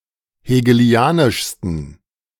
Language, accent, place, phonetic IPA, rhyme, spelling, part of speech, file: German, Germany, Berlin, [heːɡəˈli̯aːnɪʃstn̩], -aːnɪʃstn̩, hegelianischsten, adjective, De-hegelianischsten.ogg
- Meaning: 1. superlative degree of hegelianisch 2. inflection of hegelianisch: strong genitive masculine/neuter singular superlative degree